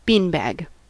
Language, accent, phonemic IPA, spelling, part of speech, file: English, US, /ˈbiːnbæɡ/, beanbag, noun / verb, En-us-beanbag.ogg
- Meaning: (noun) 1. A small cloth bag filled with drybeans, used as a toy or for exercising the hands 2. A type of juggling ball usually made from leather or cloth stuffed with dry beans 3. A testicle